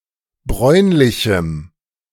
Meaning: strong dative masculine/neuter singular of bräunlich
- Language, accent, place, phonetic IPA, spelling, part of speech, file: German, Germany, Berlin, [ˈbʁɔɪ̯nlɪçm̩], bräunlichem, adjective, De-bräunlichem.ogg